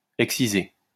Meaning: to excise
- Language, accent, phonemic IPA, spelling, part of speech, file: French, France, /ɛk.si.ze/, exciser, verb, LL-Q150 (fra)-exciser.wav